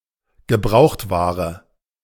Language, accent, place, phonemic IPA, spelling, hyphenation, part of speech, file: German, Germany, Berlin, /ɡəˈbʁaʊ̯xtˌvaːʁə/, Gebrauchtware, Ge‧braucht‧wa‧re, noun, De-Gebrauchtware.ogg
- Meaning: second-hand goods